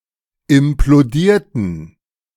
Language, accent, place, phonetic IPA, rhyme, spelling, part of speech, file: German, Germany, Berlin, [ɪmploˈdiːɐ̯tn̩], -iːɐ̯tn̩, implodierten, adjective / verb, De-implodierten.ogg
- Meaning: inflection of implodieren: 1. first/third-person plural preterite 2. first/third-person plural subjunctive II